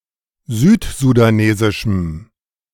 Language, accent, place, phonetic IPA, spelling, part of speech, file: German, Germany, Berlin, [ˈzyːtzudaˌneːzɪʃm̩], südsudanesischem, adjective, De-südsudanesischem.ogg
- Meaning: strong dative masculine/neuter singular of südsudanesisch